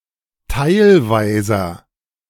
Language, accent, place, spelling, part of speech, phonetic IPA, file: German, Germany, Berlin, teilweiser, adjective, [ˈtaɪ̯lvaɪ̯zɐ], De-teilweiser.ogg
- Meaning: inflection of teilweise: 1. strong/mixed nominative masculine singular 2. strong genitive/dative feminine singular 3. strong genitive plural